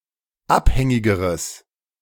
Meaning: strong/mixed nominative/accusative neuter singular comparative degree of abhängig
- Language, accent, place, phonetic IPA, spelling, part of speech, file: German, Germany, Berlin, [ˈapˌhɛŋɪɡəʁəs], abhängigeres, adjective, De-abhängigeres.ogg